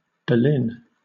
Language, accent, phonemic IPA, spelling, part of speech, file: English, Southern England, /bəˈlɪn/, berlin, noun, LL-Q1860 (eng)-berlin.wav
- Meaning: A four-wheeled carriage with a separate sheltered seat behind the body